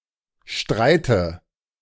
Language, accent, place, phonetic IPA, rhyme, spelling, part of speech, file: German, Germany, Berlin, [ˈʃtʁaɪ̯tə], -aɪ̯tə, streite, verb, De-streite.ogg
- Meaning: inflection of streiten: 1. first-person singular present 2. first/third-person singular subjunctive I 3. singular imperative